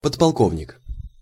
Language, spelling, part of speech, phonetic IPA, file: Russian, подполковник, noun, [pətpɐɫˈkovnʲɪk], Ru-подполковник.ogg
- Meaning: lieutenant colonel